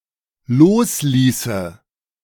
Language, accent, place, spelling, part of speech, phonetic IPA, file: German, Germany, Berlin, losließe, verb, [ˈloːsˌliːsə], De-losließe.ogg
- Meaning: first/third-person singular dependent subjunctive II of loslassen